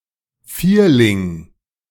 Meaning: 1. quadruplet 2. four of a kind 3. vierling, gun with four barrels
- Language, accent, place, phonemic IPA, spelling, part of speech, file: German, Germany, Berlin, /ˈfiːɐ̯lɪŋ/, Vierling, noun, De-Vierling.ogg